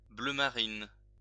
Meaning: navy blue (of a dark blue colour)
- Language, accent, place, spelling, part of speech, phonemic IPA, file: French, France, Lyon, bleu marine, adjective, /blø ma.ʁin/, LL-Q150 (fra)-bleu marine.wav